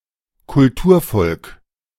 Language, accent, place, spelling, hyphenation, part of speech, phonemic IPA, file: German, Germany, Berlin, Kulturvolk, Kul‧tur‧volk, noun, /kʊlˈtuːɐ̯ˌfɔlk/, De-Kulturvolk.ogg
- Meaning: civilized people